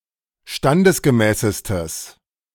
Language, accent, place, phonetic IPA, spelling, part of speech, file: German, Germany, Berlin, [ˈʃtandəsɡəˌmɛːsəstəs], standesgemäßestes, adjective, De-standesgemäßestes.ogg
- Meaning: strong/mixed nominative/accusative neuter singular superlative degree of standesgemäß